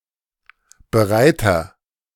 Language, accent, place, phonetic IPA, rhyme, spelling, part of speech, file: German, Germany, Berlin, [bəˈʁaɪ̯tɐ], -aɪ̯tɐ, bereiter, adjective, De-bereiter.ogg
- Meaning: inflection of bereit: 1. strong/mixed nominative masculine singular 2. strong genitive/dative feminine singular 3. strong genitive plural